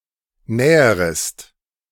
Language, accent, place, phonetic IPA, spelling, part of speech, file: German, Germany, Berlin, [ˈnɛːəʁəst], näherest, verb, De-näherest.ogg
- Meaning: second-person singular subjunctive I of nähern